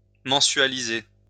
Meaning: to pay monthly
- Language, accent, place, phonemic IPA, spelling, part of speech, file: French, France, Lyon, /mɑ̃.sɥa.li.ze/, mensualiser, verb, LL-Q150 (fra)-mensualiser.wav